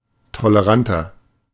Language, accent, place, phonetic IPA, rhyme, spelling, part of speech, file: German, Germany, Berlin, [toləˈʁantɐ], -antɐ, toleranter, adjective, De-toleranter.ogg
- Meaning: 1. comparative degree of tolerant 2. inflection of tolerant: strong/mixed nominative masculine singular 3. inflection of tolerant: strong genitive/dative feminine singular